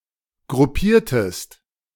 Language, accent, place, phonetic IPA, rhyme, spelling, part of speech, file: German, Germany, Berlin, [ɡʁʊˈpiːɐ̯təst], -iːɐ̯təst, gruppiertest, verb, De-gruppiertest.ogg
- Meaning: inflection of gruppieren: 1. second-person singular preterite 2. second-person singular subjunctive II